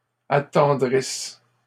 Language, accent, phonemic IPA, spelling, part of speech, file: French, Canada, /a.tɑ̃.dʁis/, attendrisse, verb, LL-Q150 (fra)-attendrisse.wav
- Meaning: inflection of attendrir: 1. first/third-person singular present subjunctive 2. first-person singular imperfect subjunctive